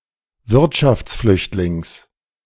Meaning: genitive of Wirtschaftsflüchtling
- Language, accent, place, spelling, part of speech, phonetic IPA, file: German, Germany, Berlin, Wirtschaftsflüchtlings, noun, [ˈvɪʁtʃaft͡sˌflʏçtlɪŋs], De-Wirtschaftsflüchtlings.ogg